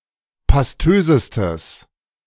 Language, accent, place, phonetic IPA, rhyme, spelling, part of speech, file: German, Germany, Berlin, [pasˈtøːzəstəs], -øːzəstəs, pastösestes, adjective, De-pastösestes.ogg
- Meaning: strong/mixed nominative/accusative neuter singular superlative degree of pastös